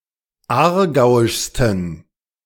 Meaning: 1. superlative degree of aargauisch 2. inflection of aargauisch: strong genitive masculine/neuter singular superlative degree
- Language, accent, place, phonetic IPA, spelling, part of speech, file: German, Germany, Berlin, [ˈaːɐ̯ˌɡaʊ̯ɪʃstn̩], aargauischsten, adjective, De-aargauischsten.ogg